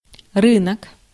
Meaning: marketplace, market
- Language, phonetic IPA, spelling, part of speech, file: Russian, [ˈrɨnək], рынок, noun, Ru-рынок.ogg